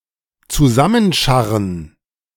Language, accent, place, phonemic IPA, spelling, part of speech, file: German, Germany, Berlin, /tsuˈzamənˌʃaʁn̩/, zusammenscharren, verb, De-zusammenscharren.ogg
- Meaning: 1. to scrape up, scrape together 2. to gather